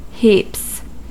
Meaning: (noun) 1. plural of heap 2. A large amount 3. Indicating a large amount or number; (verb) third-person singular simple present indicative of heap; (adverb) Very much, a lot
- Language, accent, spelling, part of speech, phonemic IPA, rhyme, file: English, US, heaps, noun / verb / adverb, /hiːps/, -iːps, En-us-heaps.ogg